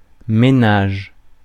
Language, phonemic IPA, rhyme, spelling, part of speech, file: French, /me.naʒ/, -aʒ, ménage, noun, Fr-ménage.ogg
- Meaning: 1. housework, housekeeping 2. household